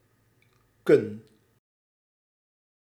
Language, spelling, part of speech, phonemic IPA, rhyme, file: Dutch, kun, verb, /kʏn/, -ʏn, Nl-kun.ogg
- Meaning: second-person singular present indicative of kunnen